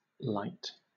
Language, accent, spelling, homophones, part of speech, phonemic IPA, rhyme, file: English, Southern England, lite, light, adjective / noun / verb, /laɪt/, -aɪt, LL-Q1860 (eng)-lite.wav
- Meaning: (adjective) 1. Abridged or lesser; being a simpler or unpaid version of a product 2. Light in composition, notably low in fat, calories etc. Most commonly used commercially 3. Lightweight